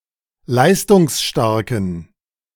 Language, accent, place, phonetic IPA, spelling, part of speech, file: German, Germany, Berlin, [ˈlaɪ̯stʊŋsˌʃtaʁkn̩], leistungsstarken, adjective, De-leistungsstarken.ogg
- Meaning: inflection of leistungsstark: 1. strong genitive masculine/neuter singular 2. weak/mixed genitive/dative all-gender singular 3. strong/weak/mixed accusative masculine singular 4. strong dative plural